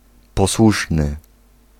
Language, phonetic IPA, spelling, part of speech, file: Polish, [pɔˈswuʃnɨ], posłuszny, adjective, Pl-posłuszny.ogg